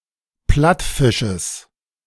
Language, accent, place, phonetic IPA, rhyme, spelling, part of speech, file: German, Germany, Berlin, [ˈplatfɪʃəs], -atfɪʃəs, Plattfisches, noun, De-Plattfisches.ogg
- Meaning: genitive of Plattfisch